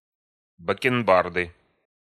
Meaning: 1. sideburns, side whiskers 2. inflection of бакенба́рда (bakenbárda): genitive singular 3. inflection of бакенба́рда (bakenbárda): nominative/accusative plural
- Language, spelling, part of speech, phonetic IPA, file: Russian, бакенбарды, noun, [bəkʲɪnˈbardɨ], Ru-бакенбарды.ogg